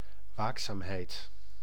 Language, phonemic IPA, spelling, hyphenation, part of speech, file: Dutch, /ˈwaksamhɛit/, waakzaamheid, waak‧zaam‧heid, noun, Nl-waakzaamheid.ogg
- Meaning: vigilance, watchfulness, alertness